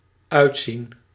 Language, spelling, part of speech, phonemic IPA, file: Dutch, uitzien, verb, /ˈœy̯tsin/, Nl-uitzien.ogg
- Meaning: 1. to look forward to 2. to seem, look like